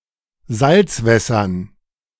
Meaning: dative plural of Salzwasser
- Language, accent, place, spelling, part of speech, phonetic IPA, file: German, Germany, Berlin, Salzwässern, noun, [ˈzalt͡sˌvɛsɐn], De-Salzwässern.ogg